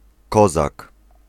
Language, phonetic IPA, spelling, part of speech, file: Polish, [ˈkɔzak], kozak, noun, Pl-kozak.ogg